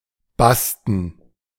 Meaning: bast; made of bast
- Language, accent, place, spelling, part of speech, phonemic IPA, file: German, Germany, Berlin, basten, adjective, /ˈbastn̩/, De-basten.ogg